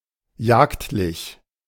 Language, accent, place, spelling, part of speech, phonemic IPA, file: German, Germany, Berlin, jagdlich, adjective, /ˈjaːktlɪç/, De-jagdlich.ogg
- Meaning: hunting